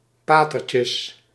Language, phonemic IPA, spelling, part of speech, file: Dutch, /ˈpatərcəs/, patertjes, noun, Nl-patertjes.ogg
- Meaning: plural of patertje